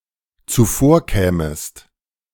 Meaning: second-person singular dependent subjunctive II of zuvorkommen
- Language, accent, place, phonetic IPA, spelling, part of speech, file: German, Germany, Berlin, [t͡suˈfoːɐ̯ˌkɛːməst], zuvorkämest, verb, De-zuvorkämest.ogg